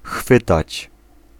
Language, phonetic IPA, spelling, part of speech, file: Polish, [ˈxfɨtat͡ɕ], chwytać, verb, Pl-chwytać.ogg